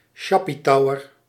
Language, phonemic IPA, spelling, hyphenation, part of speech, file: Dutch, /ˈʃɑ.piˌtɑu̯ər/, sjappietouwer, sjap‧pie‧tou‧wer, noun, Nl-sjappietouwer.ogg
- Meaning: 1. sailor 2. a dock worker 3. loafer 4. nasty or deceitful person, jerk, crook 5. someone with an unkempt appearance